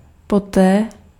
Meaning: afterwards, subsequently
- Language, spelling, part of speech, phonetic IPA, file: Czech, poté, adverb, [ˈpotɛː], Cs-poté.ogg